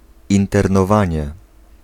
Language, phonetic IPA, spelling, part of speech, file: Polish, [ˌĩntɛrnɔˈvãɲɛ], internowanie, noun, Pl-internowanie.ogg